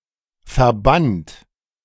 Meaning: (verb) past participle of verbannen; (adjective) banned, banished; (verb) inflection of verbannen: 1. second-person plural present 2. third-person singular present 3. plural imperative
- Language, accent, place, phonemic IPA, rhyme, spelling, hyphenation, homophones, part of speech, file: German, Germany, Berlin, /fɛɐ̯ˈbant/, -ant, verbannt, ver‧bannt, verband / Verband, verb / adjective, De-verbannt.ogg